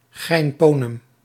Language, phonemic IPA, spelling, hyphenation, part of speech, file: Dutch, /ˈɣɛi̯nˌpoː.nəm/, geinponem, gein‧po‧nem, noun, Nl-geinponem.ogg
- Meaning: jokester, wisecrack